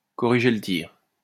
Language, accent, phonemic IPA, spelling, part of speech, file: French, France, /kɔ.ʁi.ʒe l(ə) tiʁ/, corriger le tir, verb, LL-Q150 (fra)-corriger le tir.wav
- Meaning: to make adjustments, to adjust tactics, to change course, to course-correct; to set things back on track